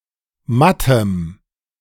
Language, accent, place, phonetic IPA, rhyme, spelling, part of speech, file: German, Germany, Berlin, [ˈmatəm], -atəm, mattem, adjective, De-mattem.ogg
- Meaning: strong dative masculine/neuter singular of matt